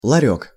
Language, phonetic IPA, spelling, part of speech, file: Russian, [ɫɐˈrʲɵk], ларёк, noun, Ru-ларёк.ogg
- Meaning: 1. kiosk, stall (a vendor's booth) 2. diminutive of ларь (larʹ): a small wooden chest or box